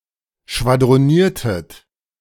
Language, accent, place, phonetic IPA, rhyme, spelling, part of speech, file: German, Germany, Berlin, [ʃvadʁoˈniːɐ̯tət], -iːɐ̯tət, schwadroniertet, verb, De-schwadroniertet.ogg
- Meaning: inflection of schwadronieren: 1. second-person plural preterite 2. second-person plural subjunctive II